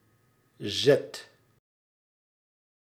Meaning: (noun) 1. shove, push 2. move, turn (e.g. in a game); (verb) inflection of zetten: 1. first/second/third-person singular present indicative 2. imperative
- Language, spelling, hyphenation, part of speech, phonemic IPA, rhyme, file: Dutch, zet, zet, noun / verb, /zɛt/, -ɛt, Nl-zet.ogg